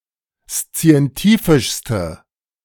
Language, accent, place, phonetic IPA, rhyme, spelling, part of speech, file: German, Germany, Berlin, [st͡si̯ɛnˈtiːfɪʃstə], -iːfɪʃstə, szientifischste, adjective, De-szientifischste.ogg
- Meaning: inflection of szientifisch: 1. strong/mixed nominative/accusative feminine singular superlative degree 2. strong nominative/accusative plural superlative degree